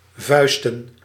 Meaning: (verb) to fist-fuck; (noun) plural of vuist
- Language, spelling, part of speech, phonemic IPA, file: Dutch, vuisten, verb / noun, /ˈvœy̯stə(n)/, Nl-vuisten.ogg